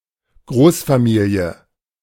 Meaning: extended family
- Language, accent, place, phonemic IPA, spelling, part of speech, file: German, Germany, Berlin, /ˈɡʁoːsfaˌmiːli̯ə/, Großfamilie, noun, De-Großfamilie.ogg